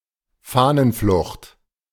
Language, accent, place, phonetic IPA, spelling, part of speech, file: German, Germany, Berlin, [ˈfanənˌflʊxt], Fahnenflucht, noun, De-Fahnenflucht.ogg
- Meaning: desertion (absence with the intention of leaving permanently)